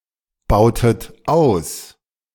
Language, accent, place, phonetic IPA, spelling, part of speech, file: German, Germany, Berlin, [ˌbaʊ̯tət ˈaʊ̯s], bautet aus, verb, De-bautet aus.ogg
- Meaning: inflection of ausbauen: 1. second-person plural preterite 2. second-person plural subjunctive II